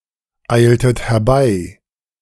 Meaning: inflection of herbeieilen: 1. second-person plural preterite 2. second-person plural subjunctive II
- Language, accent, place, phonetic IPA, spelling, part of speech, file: German, Germany, Berlin, [ˌaɪ̯ltət hɛɐ̯ˈbaɪ̯], eiltet herbei, verb, De-eiltet herbei.ogg